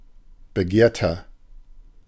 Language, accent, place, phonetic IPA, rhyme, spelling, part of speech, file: German, Germany, Berlin, [bəˈɡeːɐ̯tɐ], -eːɐ̯tɐ, begehrter, adjective, De-begehrter.ogg
- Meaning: 1. comparative degree of begehrt 2. inflection of begehrt: strong/mixed nominative masculine singular 3. inflection of begehrt: strong genitive/dative feminine singular